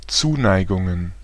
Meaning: plural of Zuneigung
- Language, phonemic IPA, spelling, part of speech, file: German, /ˈt͡suːˌnaɪ̯ɡʊŋən/, Zuneigungen, noun, De-Zuneigungen.ogg